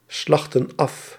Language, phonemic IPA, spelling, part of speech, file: Dutch, /ˈslɑxtə(n) ˈɑf/, slachtten af, verb, Nl-slachtten af.ogg
- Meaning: inflection of afslachten: 1. plural past indicative 2. plural past subjunctive